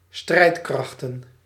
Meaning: plural of strijdkracht
- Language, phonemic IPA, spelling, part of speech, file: Dutch, /ˈstrɛitkrɑxtə(n)/, strijdkrachten, noun, Nl-strijdkrachten.ogg